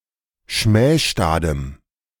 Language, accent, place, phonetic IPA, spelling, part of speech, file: German, Germany, Berlin, [ˈʃmɛːʃtaːdəm], schmähstadem, adjective, De-schmähstadem.ogg
- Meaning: strong dative masculine/neuter singular of schmähstad